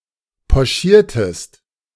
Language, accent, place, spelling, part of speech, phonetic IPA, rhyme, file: German, Germany, Berlin, pochiertest, verb, [pɔˈʃiːɐ̯təst], -iːɐ̯təst, De-pochiertest.ogg
- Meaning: inflection of pochieren: 1. second-person singular preterite 2. second-person singular subjunctive II